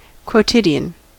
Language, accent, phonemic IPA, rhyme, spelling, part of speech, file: English, US, /kwoʊˈtɪdiən/, -ɪdiən, quotidian, adjective / noun, En-us-quotidian.ogg
- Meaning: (adjective) 1. Happening every day; daily 2. Having the characteristics of something which can be seen, experienced, etc, every day or very commonly